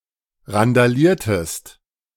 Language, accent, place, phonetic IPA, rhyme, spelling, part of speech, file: German, Germany, Berlin, [ʁandaˈliːɐ̯təst], -iːɐ̯təst, randaliertest, verb, De-randaliertest.ogg
- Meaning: inflection of randalieren: 1. second-person singular preterite 2. second-person singular subjunctive II